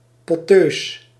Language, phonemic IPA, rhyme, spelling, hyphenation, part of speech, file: Dutch, /pɔˈtøːs/, -øːs, potteus, pot‧teus, adjective, Nl-potteus.ogg
- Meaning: lesbian